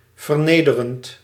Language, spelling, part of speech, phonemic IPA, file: Dutch, vernederend, verb / adjective, /vərˈnedərənt/, Nl-vernederend.ogg
- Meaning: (adjective) humiliating, constituting or implying humiliation; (verb) present participle of vernederen